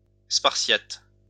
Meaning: Spartan
- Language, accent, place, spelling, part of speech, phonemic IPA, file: French, France, Lyon, spartiate, adjective, /spaʁ.sjat/, LL-Q150 (fra)-spartiate.wav